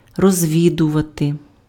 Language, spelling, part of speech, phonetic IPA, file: Ukrainian, розвідувати, verb, [rɔzʲˈʋʲidʊʋɐte], Uk-розвідувати.ogg
- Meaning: 1. to reconnoiter (US), to reconnoitre (UK), to scout 2. to inquire, to make inquiries (about/into), to find out (about) 3. to prospect, to explore